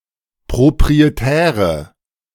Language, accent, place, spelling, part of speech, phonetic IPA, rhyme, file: German, Germany, Berlin, proprietäre, adjective, [pʁopʁieˈtɛːʁə], -ɛːʁə, De-proprietäre.ogg
- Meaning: inflection of proprietär: 1. strong/mixed nominative/accusative feminine singular 2. strong nominative/accusative plural 3. weak nominative all-gender singular